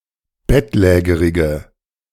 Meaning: inflection of bettlägerig: 1. strong/mixed nominative/accusative feminine singular 2. strong nominative/accusative plural 3. weak nominative all-gender singular
- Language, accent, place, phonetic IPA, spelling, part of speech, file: German, Germany, Berlin, [ˈbɛtˌlɛːɡəʁɪɡə], bettlägerige, adjective, De-bettlägerige.ogg